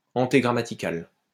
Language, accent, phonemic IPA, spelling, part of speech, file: French, France, /ɑ̃.te.ɡʁa.ma.ti.kal/, antégrammatical, adjective, LL-Q150 (fra)-antégrammatical.wav
- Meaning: antegrammatical